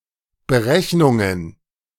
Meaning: plural of Berechnung
- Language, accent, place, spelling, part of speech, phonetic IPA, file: German, Germany, Berlin, Berechnungen, noun, [bəˈʁɛçnʊŋən], De-Berechnungen.ogg